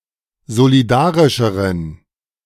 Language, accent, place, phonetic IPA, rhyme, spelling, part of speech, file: German, Germany, Berlin, [zoliˈdaːʁɪʃəʁən], -aːʁɪʃəʁən, solidarischeren, adjective, De-solidarischeren.ogg
- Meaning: inflection of solidarisch: 1. strong genitive masculine/neuter singular comparative degree 2. weak/mixed genitive/dative all-gender singular comparative degree